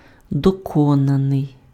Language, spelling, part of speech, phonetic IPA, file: Ukrainian, доконаний, adjective / verb, [dɔˈkɔnɐnei̯], Uk-доконаний.ogg
- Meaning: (adjective) 1. accomplished 2. perfective; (verb) past passive participle of докона́ти (dokonáty)